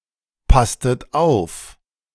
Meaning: inflection of aufpassen: 1. second-person plural preterite 2. second-person plural subjunctive II
- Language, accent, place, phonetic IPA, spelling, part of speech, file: German, Germany, Berlin, [ˌpastət ˈaʊ̯f], passtet auf, verb, De-passtet auf.ogg